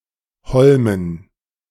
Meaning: dative plural of Holm
- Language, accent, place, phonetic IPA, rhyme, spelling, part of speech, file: German, Germany, Berlin, [ˈhɔlmən], -ɔlmən, Holmen, noun, De-Holmen.ogg